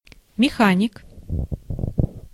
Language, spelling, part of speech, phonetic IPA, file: Russian, механик, noun, [mʲɪˈxanʲɪk], Ru-механик.ogg
- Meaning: 1. mechanic 2. genitive plural of меха́ника (mexánika)